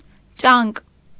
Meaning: claw; talon
- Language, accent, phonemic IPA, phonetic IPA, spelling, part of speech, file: Armenian, Eastern Armenian, /t͡ʃɑnk/, [t͡ʃɑŋk], ճանկ, noun, Hy-ճանկ.ogg